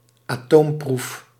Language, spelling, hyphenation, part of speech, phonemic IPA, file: Dutch, atoomproef, atoom‧proef, noun, /aːˈtoːmˌpruf/, Nl-atoomproef.ogg
- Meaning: nuclear test (nuclear weapons' test)